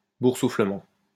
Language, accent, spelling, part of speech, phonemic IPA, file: French, France, boursouflement, noun, /buʁ.su.flə.mɑ̃/, LL-Q150 (fra)-boursouflement.wav
- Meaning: 1. swelling 2. blistering